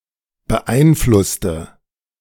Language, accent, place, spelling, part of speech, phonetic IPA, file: German, Germany, Berlin, beeinflusste, adjective / verb, [bəˈʔaɪ̯nˌflʊstə], De-beeinflusste.ogg
- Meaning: inflection of beeinflusst: 1. strong/mixed nominative/accusative feminine singular 2. strong nominative/accusative plural 3. weak nominative all-gender singular